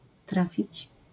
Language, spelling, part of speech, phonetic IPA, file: Polish, trafić, verb, [ˈtrafʲit͡ɕ], LL-Q809 (pol)-trafić.wav